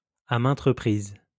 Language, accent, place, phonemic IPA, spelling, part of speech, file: French, France, Lyon, /a mɛ̃t ʁə.pʁiz/, à maintes reprises, adverb, LL-Q150 (fra)-à maintes reprises.wav
- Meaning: repeatedly, time and again